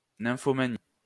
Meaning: nymphomania
- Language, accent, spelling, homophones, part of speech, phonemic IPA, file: French, France, nymphomanie, nymphomanies, noun, /nɛ̃.fɔ.ma.ni/, LL-Q150 (fra)-nymphomanie.wav